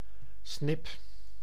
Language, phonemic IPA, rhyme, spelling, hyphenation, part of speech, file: Dutch, /snɪp/, -ɪp, snip, snip, noun, Nl-snip.ogg
- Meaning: 1. a snipe or woodcock, thin-beaked bird of the genera Gallinago, Scolopax, Lymnocryptes, Limnodromus and Coenocorypha 2. a 100 guilders banknote